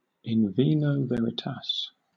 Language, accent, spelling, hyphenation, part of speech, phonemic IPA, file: English, Southern England, in vino veritas, in vi‧no ve‧ri‧tas, proverb, /ˌɪn ˈviː.nəʊ ˈvɛ.ɹɪ.tɑːs/, LL-Q1860 (eng)-in vino veritas.wav
- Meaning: Synonym of in wine, there is truth (one tells the truth under the influence of alcohol)